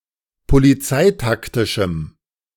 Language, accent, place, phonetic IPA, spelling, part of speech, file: German, Germany, Berlin, [poliˈt͡saɪ̯takˌtɪʃm̩], polizeitaktischem, adjective, De-polizeitaktischem.ogg
- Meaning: strong dative masculine/neuter singular of polizeitaktisch